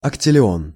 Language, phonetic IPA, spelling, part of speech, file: Russian, [ɐktʲɪlʲɪˈon], октиллион, numeral, Ru-октиллион.ogg
- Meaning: octillion (1,000,000,000,000,000,000,000,000,000, 10²⁷)